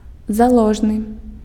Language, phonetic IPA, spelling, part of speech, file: Belarusian, [zaˈɫoʐnɨ], заложны, adjective, Be-заложны.ogg
- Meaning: zealous, eager